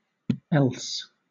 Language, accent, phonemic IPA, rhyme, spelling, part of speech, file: English, Southern England, /ˈɛls/, -ɛls, els, adjective, LL-Q1860 (eng)-els.wav
- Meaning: Obsolete form of else